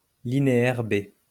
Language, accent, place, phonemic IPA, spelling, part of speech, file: French, France, Lyon, /li.ne.ɛʁ be/, linéaire B, noun, LL-Q150 (fra)-linéaire B.wav
- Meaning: Linear B